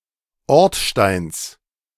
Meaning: genitive singular of Ortstein
- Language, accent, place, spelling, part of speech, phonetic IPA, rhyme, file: German, Germany, Berlin, Ortsteins, noun, [ˈɔʁtˌʃtaɪ̯ns], -ɔʁtʃtaɪ̯ns, De-Ortsteins.ogg